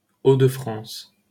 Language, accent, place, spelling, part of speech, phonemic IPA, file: French, France, Paris, Hauts-de-France, proper noun, /o.də.fʁɑ̃s/, LL-Q150 (fra)-Hauts-de-France.wav
- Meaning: Hauts-de-France (an administrative region of France, created in 2016 by the merger of Nord-Pas-de-Calais and Picardy)